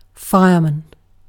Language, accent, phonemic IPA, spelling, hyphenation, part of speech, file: English, UK, /ˈfaɪəmən/, fireman, fire‧man, noun, En-uk-fireman.ogg
- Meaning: Someone (especially male) who is skilled in the work of fighting fire